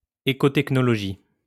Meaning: ecotechnology (environmental technology)
- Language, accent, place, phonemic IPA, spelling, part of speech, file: French, France, Lyon, /e.ko.tɛk.nɔ.lɔ.ʒi/, écotechnologie, noun, LL-Q150 (fra)-écotechnologie.wav